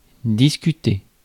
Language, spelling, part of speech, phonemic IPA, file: French, discuter, verb, /dis.ky.te/, Fr-discuter.ogg
- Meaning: 1. to argue, to debate 2. to discuss 3. to chat